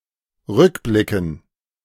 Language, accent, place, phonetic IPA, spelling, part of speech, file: German, Germany, Berlin, [ˈʁʏkˌblɪkn̩], Rückblicken, noun, De-Rückblicken.ogg
- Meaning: dative plural of Rückblick